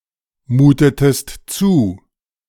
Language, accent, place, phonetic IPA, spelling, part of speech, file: German, Germany, Berlin, [ˌmuːtətəst ˈt͡suː], mutetest zu, verb, De-mutetest zu.ogg
- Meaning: inflection of zumuten: 1. second-person singular preterite 2. second-person singular subjunctive II